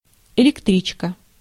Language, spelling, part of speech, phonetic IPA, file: Russian, электричка, noun, [ɪlʲɪkˈtrʲit͡ɕkə], Ru-электричка.ogg
- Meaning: 1. (suburban) electric train 2. electric car